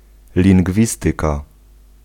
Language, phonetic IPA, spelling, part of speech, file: Polish, [lʲĩŋɡˈvʲistɨka], lingwistyka, noun, Pl-lingwistyka.ogg